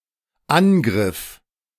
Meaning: first/third-person singular dependent preterite of angreifen
- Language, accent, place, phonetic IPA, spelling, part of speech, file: German, Germany, Berlin, [ˈanˌɡʁɪf], angriff, verb, De-angriff.ogg